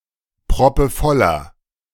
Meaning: inflection of proppevoll: 1. strong/mixed nominative masculine singular 2. strong genitive/dative feminine singular 3. strong genitive plural
- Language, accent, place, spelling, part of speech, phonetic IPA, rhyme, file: German, Germany, Berlin, proppevoller, adjective, [pʁɔpəˈfɔlɐ], -ɔlɐ, De-proppevoller.ogg